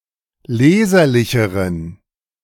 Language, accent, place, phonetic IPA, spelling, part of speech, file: German, Germany, Berlin, [ˈleːzɐlɪçəʁən], leserlicheren, adjective, De-leserlicheren.ogg
- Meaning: inflection of leserlich: 1. strong genitive masculine/neuter singular comparative degree 2. weak/mixed genitive/dative all-gender singular comparative degree